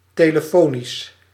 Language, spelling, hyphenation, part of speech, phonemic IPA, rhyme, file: Dutch, telefonisch, te‧le‧fo‧nisch, adjective / adverb, /ˌteː.ləˈfoː.nis/, -oːnis, Nl-telefonisch.ogg
- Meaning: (adjective) telephonic; in particular by telephone; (adverb) by telephone